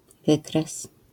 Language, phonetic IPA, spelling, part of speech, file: Polish, [ˈvɨkrɛs], wykres, noun, LL-Q809 (pol)-wykres.wav